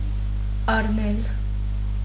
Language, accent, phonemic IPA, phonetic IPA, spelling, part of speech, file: Armenian, Western Armenian, /ɑɾˈnel/, [ɑɾnél], առնել, verb, HyW-առնել.ogg
- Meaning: 1. to take 2. to buy, to purchase 3. to take as a wife, to marry 4. to seize, to capture (a city, fortress, etc.) 5. to assume, to accept